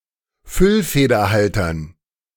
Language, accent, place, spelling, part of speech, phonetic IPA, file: German, Germany, Berlin, Füllfederhaltern, noun, [ˈfʏlfeːdɐˌhaltɐn], De-Füllfederhaltern.ogg
- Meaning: dative plural of Füllfederhalter